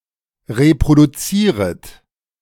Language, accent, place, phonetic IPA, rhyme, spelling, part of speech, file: German, Germany, Berlin, [ʁepʁoduˈt͡siːʁət], -iːʁət, reproduzieret, verb, De-reproduzieret.ogg
- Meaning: second-person plural subjunctive I of reproduzieren